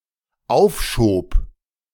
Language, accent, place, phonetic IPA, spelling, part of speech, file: German, Germany, Berlin, [ˈaʊ̯fˌʃoːp], aufschob, verb, De-aufschob.ogg
- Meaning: first/third-person singular dependent preterite of aufschieben